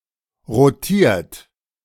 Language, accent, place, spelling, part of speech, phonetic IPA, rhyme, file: German, Germany, Berlin, rotiert, verb, [ʁoˈtiːɐ̯t], -iːɐ̯t, De-rotiert.ogg
- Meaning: 1. past participle of rotieren 2. inflection of rotieren: third-person singular present 3. inflection of rotieren: second-person plural present 4. inflection of rotieren: plural imperative